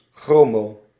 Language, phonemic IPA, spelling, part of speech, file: Dutch, /ˈxroː.moː/, chromo-, prefix, Nl-chromo-.ogg
- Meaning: chromo-